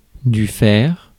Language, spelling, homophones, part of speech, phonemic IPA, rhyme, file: French, fer, fers / faire / ferre / ferres / ferrent, noun, /fɛʁ/, -ɛʁ, Fr-fer.ogg
- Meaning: 1. iron 2. horseshoe; steel tip 3. iron (appliance) 4. irons, fetters